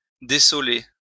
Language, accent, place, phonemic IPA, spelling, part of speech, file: French, France, Lyon, /de.sɔ.le/, dessoler, verb, LL-Q150 (fra)-dessoler.wav
- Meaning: "(agri.) to unsole (animals); to take off the sole; to change the usual order of the cultivation of land"